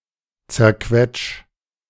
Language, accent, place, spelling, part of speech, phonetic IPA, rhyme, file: German, Germany, Berlin, zerquetsch, verb, [t͡sɛɐ̯ˈkvɛt͡ʃ], -ɛt͡ʃ, De-zerquetsch.ogg
- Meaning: 1. singular imperative of zerquetschen 2. first-person singular present of zerquetschen